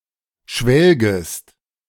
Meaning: second-person singular subjunctive I of schwelgen
- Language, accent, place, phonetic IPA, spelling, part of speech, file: German, Germany, Berlin, [ˈʃvɛlɡəst], schwelgest, verb, De-schwelgest.ogg